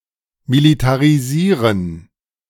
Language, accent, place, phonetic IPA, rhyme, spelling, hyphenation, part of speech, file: German, Germany, Berlin, [militaʁiˈziːʁən], -iːʁən, militarisieren, mi‧li‧ta‧ri‧sie‧ren, verb, De-militarisieren.ogg
- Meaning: to militarize